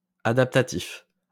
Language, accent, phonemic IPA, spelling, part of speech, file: French, France, /a.dap.ta.tif/, adaptatif, adjective, LL-Q150 (fra)-adaptatif.wav
- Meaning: adaptative